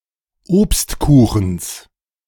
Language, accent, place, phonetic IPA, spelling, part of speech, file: German, Germany, Berlin, [ˈoːpstˌkuːxn̩s], Obstkuchens, noun, De-Obstkuchens.ogg
- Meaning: genitive singular of Obstkuchen